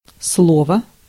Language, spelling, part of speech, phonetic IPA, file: Russian, слово, noun, [ˈsɫovə], Ru-слово.ogg
- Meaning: 1. word, term 2. speech, address 3. promise